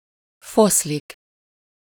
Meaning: 1. to fray, unravel (to come apart) 2. to vanish, disappear, dissolve (dreams, plans, hope, etc.)
- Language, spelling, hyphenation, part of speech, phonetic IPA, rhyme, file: Hungarian, foszlik, fosz‧lik, verb, [ˈfoslik], -oslik, Hu-foszlik.ogg